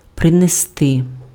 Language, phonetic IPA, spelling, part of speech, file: Ukrainian, [preneˈstɪ], принести, verb, Uk-принести.ogg
- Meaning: to bring, to fetch (:a thing, on foot)